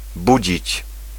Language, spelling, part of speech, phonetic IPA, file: Polish, budzić, verb, [ˈbud͡ʑit͡ɕ], Pl-budzić.ogg